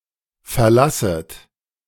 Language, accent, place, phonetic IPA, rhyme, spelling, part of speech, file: German, Germany, Berlin, [fɛɐ̯ˈlasət], -asət, verlasset, verb, De-verlasset.ogg
- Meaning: second-person plural subjunctive I of verlassen